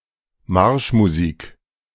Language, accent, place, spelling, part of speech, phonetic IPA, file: German, Germany, Berlin, Marschmusik, noun, [ˈmaʁʃmuˌziːk], De-Marschmusik.ogg
- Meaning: The genre marching music, written to march on (as in military or other parade context) and/or in binary measure